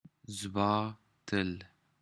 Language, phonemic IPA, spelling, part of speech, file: Pashto, /zbɑ.ˈt̪əl/, زباتل, verb, Zbaatal.wav
- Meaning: to remind someone of the favour you have done for them